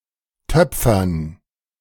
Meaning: to make pottery
- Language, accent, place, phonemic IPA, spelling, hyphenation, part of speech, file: German, Germany, Berlin, /ˈtœpfɐn/, töpfern, töp‧fern, verb, De-töpfern.ogg